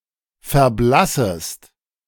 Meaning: second-person singular subjunctive I of verblassen
- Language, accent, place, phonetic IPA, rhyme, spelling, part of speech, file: German, Germany, Berlin, [fɛɐ̯ˈblasəst], -asəst, verblassest, verb, De-verblassest.ogg